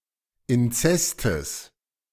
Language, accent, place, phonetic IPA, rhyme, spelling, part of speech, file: German, Germany, Berlin, [ɪnˈt͡sɛstəs], -ɛstəs, Inzestes, noun, De-Inzestes.ogg
- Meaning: genitive singular of Inzest